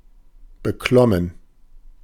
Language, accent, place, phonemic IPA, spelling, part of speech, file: German, Germany, Berlin, /bəˈklɔmən/, beklommen, verb / adjective, De-beklommen.ogg
- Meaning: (verb) past participle of beklimmen; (adjective) anxious, uneasy, apprehensive